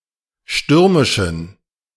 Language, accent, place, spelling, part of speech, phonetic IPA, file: German, Germany, Berlin, stürmischen, adjective, [ˈʃtʏʁmɪʃn̩], De-stürmischen.ogg
- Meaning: inflection of stürmisch: 1. strong genitive masculine/neuter singular 2. weak/mixed genitive/dative all-gender singular 3. strong/weak/mixed accusative masculine singular 4. strong dative plural